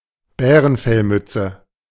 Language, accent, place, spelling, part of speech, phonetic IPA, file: German, Germany, Berlin, Bärenfellmütze, noun, [ˈbɛːʁənfɛlˌmʏt͡sə], De-Bärenfellmütze.ogg
- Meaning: bearskin (cap)